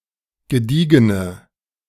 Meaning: inflection of gediegen: 1. strong/mixed nominative/accusative feminine singular 2. strong nominative/accusative plural 3. weak nominative all-gender singular
- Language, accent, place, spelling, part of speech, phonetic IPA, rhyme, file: German, Germany, Berlin, gediegene, adjective, [ɡəˈdiːɡənə], -iːɡənə, De-gediegene.ogg